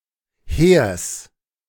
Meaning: genitive singular of Heer
- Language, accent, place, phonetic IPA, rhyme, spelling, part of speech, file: German, Germany, Berlin, [heːɐ̯s], -eːɐ̯s, Heers, noun, De-Heers.ogg